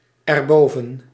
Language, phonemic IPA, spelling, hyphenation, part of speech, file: Dutch, /ɛrˈboː.və(n)/, erboven, er‧bo‧ven, adverb, Nl-erboven.ogg
- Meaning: pronominal adverb form of boven + het